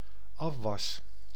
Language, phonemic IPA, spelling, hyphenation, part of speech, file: Dutch, /ˈɑf.ʋɑs/, afwas, af‧was, noun / verb, Nl-afwas.ogg
- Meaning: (noun) dishes (unwashed dishware); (verb) first-person singular dependent-clause present indicative of afwassen